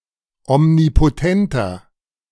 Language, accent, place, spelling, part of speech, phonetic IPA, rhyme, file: German, Germany, Berlin, omnipotenter, adjective, [ɔmnipoˈtɛntɐ], -ɛntɐ, De-omnipotenter.ogg
- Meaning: inflection of omnipotent: 1. strong/mixed nominative masculine singular 2. strong genitive/dative feminine singular 3. strong genitive plural